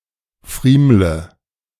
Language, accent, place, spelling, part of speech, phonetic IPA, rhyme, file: German, Germany, Berlin, friemle, verb, [ˈfʁiːmlə], -iːmlə, De-friemle.ogg
- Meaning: inflection of friemeln: 1. first-person singular present 2. first/third-person singular subjunctive I 3. singular imperative